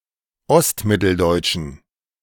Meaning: inflection of ostmitteldeutsch: 1. strong genitive masculine/neuter singular 2. weak/mixed genitive/dative all-gender singular 3. strong/weak/mixed accusative masculine singular
- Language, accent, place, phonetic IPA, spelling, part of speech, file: German, Germany, Berlin, [ˈɔstˌmɪtl̩dɔɪ̯t͡ʃn̩], ostmitteldeutschen, adjective, De-ostmitteldeutschen.ogg